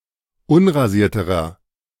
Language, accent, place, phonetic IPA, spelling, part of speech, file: German, Germany, Berlin, [ˈʊnʁaˌziːɐ̯təʁɐ], unrasierterer, adjective, De-unrasierterer.ogg
- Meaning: inflection of unrasiert: 1. strong/mixed nominative masculine singular comparative degree 2. strong genitive/dative feminine singular comparative degree 3. strong genitive plural comparative degree